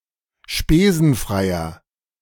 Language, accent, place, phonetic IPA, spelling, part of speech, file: German, Germany, Berlin, [ˈʃpeːzn̩ˌfʁaɪ̯ɐ], spesenfreier, adjective, De-spesenfreier.ogg
- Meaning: inflection of spesenfrei: 1. strong/mixed nominative masculine singular 2. strong genitive/dative feminine singular 3. strong genitive plural